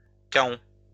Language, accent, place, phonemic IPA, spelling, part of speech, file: French, France, Lyon, /ka.ɔ̃/, kaon, noun, LL-Q150 (fra)-kaon.wav
- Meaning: kaon